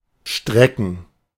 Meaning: 1. to stretch (oneself, for example after waking up) 2. to stretch (a specific body part) 3. to extend (a body part) 4. to elongate, lengthen
- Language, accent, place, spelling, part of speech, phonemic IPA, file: German, Germany, Berlin, strecken, verb, /ˈʃtrɛkən/, De-strecken.ogg